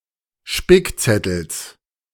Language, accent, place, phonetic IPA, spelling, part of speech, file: German, Germany, Berlin, [ˈʃpɪkˌt͡sɛtl̩s], Spickzettels, noun, De-Spickzettels.ogg
- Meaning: genitive singular of Spickzettel